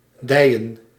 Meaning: to bob (to move up and down with the motion of waves)
- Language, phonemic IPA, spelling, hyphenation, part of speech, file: Dutch, /ˈdɛi̯nə(n)/, deinen, dei‧nen, verb, Nl-deinen.ogg